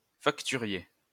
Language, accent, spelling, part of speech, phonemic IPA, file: French, France, facturier, noun, /fak.ty.ʁje/, LL-Q150 (fra)-facturier.wav
- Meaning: invoice clerk